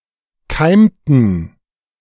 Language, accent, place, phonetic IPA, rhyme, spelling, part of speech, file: German, Germany, Berlin, [ˈkaɪ̯mtn̩], -aɪ̯mtn̩, keimten, verb, De-keimten.ogg
- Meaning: inflection of keimen: 1. first/third-person plural preterite 2. first/third-person plural subjunctive II